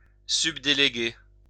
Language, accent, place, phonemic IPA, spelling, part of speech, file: French, France, Lyon, /syb.de.le.ɡe/, subdéléguer, verb, LL-Q150 (fra)-subdéléguer.wav
- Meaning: to delegate